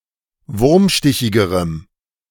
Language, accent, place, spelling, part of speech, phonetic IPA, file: German, Germany, Berlin, wurmstichigerem, adjective, [ˈvʊʁmˌʃtɪçɪɡəʁəm], De-wurmstichigerem.ogg
- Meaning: strong dative masculine/neuter singular comparative degree of wurmstichig